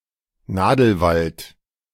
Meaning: coniferous forest
- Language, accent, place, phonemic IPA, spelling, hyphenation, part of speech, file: German, Germany, Berlin, /ˈnaːdl̩ˌvalt/, Nadelwald, Na‧del‧wald, noun, De-Nadelwald.ogg